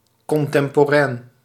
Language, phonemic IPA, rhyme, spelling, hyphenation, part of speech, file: Dutch, /ˌkɔn.tɛm.poːˈrɛːn/, -ɛːn, contemporain, con‧tem‧po‧rain, adjective, Nl-contemporain.ogg
- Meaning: contemporary